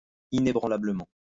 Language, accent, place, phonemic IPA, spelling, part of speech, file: French, France, Lyon, /i.ne.bʁɑ̃.la.blə.mɑ̃/, inébranlablement, adverb, LL-Q150 (fra)-inébranlablement.wav
- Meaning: unshakeably, unswervingly